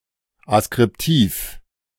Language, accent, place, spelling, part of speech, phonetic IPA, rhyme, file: German, Germany, Berlin, askriptiv, adjective, [askʁɪpˈtiːf], -iːf, De-askriptiv.ogg
- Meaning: ascriptive